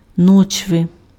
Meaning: a kind of tub used for performing household jobs, particularly bathing small children and kneading dough
- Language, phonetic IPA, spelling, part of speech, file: Ukrainian, [ˈnɔt͡ʃʋe], ночви, noun, Uk-ночви.ogg